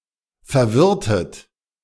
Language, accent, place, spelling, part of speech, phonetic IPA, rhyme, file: German, Germany, Berlin, verwirrtet, verb, [fɛɐ̯ˈvɪʁtət], -ɪʁtət, De-verwirrtet.ogg
- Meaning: inflection of verwirren: 1. second-person plural preterite 2. second-person plural subjunctive II